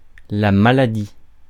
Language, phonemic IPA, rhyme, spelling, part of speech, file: French, /ma.la.di/, -i, maladie, noun, Fr-maladie.ogg
- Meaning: illness, disease